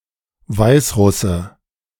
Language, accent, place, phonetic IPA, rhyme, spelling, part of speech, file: German, Germany, Berlin, [ˈvaɪ̯sˌʁʊsə], -aɪ̯sʁʊsə, Weißrusse, noun, De-Weißrusse.ogg
- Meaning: Belarusian (person)